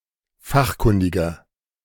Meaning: 1. comparative degree of fachkundig 2. inflection of fachkundig: strong/mixed nominative masculine singular 3. inflection of fachkundig: strong genitive/dative feminine singular
- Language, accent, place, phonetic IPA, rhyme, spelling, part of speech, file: German, Germany, Berlin, [ˈfaxˌkʊndɪɡɐ], -axkʊndɪɡɐ, fachkundiger, adjective, De-fachkundiger.ogg